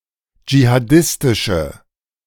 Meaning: inflection of jihadistisch: 1. strong/mixed nominative/accusative feminine singular 2. strong nominative/accusative plural 3. weak nominative all-gender singular
- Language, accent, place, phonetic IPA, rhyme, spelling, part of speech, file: German, Germany, Berlin, [d͡ʒihaˈdɪstɪʃə], -ɪstɪʃə, jihadistische, adjective, De-jihadistische.ogg